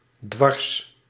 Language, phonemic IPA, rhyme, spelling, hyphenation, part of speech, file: Dutch, /dʋɑrs/, -ɑrs, dwars, dwars, adjective, Nl-dwars.ogg
- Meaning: 1. in a crosswise direction, transverse, at right angles 2. slantwise, diagonal, askew 3. rebellious, stubbornly disobedient